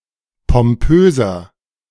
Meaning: 1. comparative degree of pompös 2. inflection of pompös: strong/mixed nominative masculine singular 3. inflection of pompös: strong genitive/dative feminine singular
- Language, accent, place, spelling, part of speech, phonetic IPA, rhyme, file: German, Germany, Berlin, pompöser, adjective, [pɔmˈpøːzɐ], -øːzɐ, De-pompöser.ogg